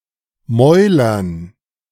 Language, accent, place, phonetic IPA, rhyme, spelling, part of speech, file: German, Germany, Berlin, [ˈmɔɪ̯lɐn], -ɔɪ̯lɐn, Mäulern, noun, De-Mäulern.ogg
- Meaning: dative plural of Maul